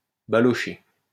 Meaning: to move slowly through the streets in a carriage
- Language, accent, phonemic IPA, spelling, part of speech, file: French, France, /ba.lɔ.ʃe/, balocher, verb, LL-Q150 (fra)-balocher.wav